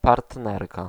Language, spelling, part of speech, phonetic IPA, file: Polish, partnerka, noun, [partˈnɛrka], Pl-partnerka.ogg